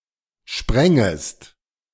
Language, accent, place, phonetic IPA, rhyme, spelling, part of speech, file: German, Germany, Berlin, [ˈʃpʁɛŋəst], -ɛŋəst, sprängest, verb, De-sprängest.ogg
- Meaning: second-person singular subjunctive II of springen